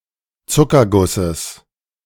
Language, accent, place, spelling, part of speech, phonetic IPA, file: German, Germany, Berlin, Zuckergusses, noun, [ˈt͡sʊkɐˌɡʊsəs], De-Zuckergusses.ogg
- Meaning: genitive singular of Zuckerguss